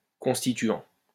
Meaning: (verb) present participle of constituer; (adjective) constituent
- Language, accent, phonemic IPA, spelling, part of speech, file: French, France, /kɔ̃s.ti.tɥɑ̃/, constituant, verb / adjective / noun, LL-Q150 (fra)-constituant.wav